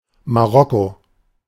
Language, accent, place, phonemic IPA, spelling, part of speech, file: German, Germany, Berlin, /maˈʁɔko/, Marokko, proper noun, De-Marokko.ogg
- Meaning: Morocco (a country in North Africa)